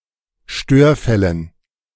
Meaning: dative plural of Störfall
- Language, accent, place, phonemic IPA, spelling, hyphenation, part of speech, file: German, Germany, Berlin, /ˈʃtøːɐ̯ˌfɛlən/, Störfällen, Stör‧fäl‧len, noun, De-Störfällen.ogg